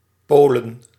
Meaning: 1. Poland (a country in Central Europe) 2. a hamlet in Eemsdelta, Groningen, Netherlands 3. plural of Pool
- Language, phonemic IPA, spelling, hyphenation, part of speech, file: Dutch, /ˈpoːlə(n)/, Polen, Po‧len, proper noun, Nl-Polen.ogg